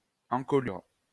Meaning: neck (of a horse)
- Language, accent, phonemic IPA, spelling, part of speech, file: French, France, /ɑ̃.kɔ.lyʁ/, encolure, noun, LL-Q150 (fra)-encolure.wav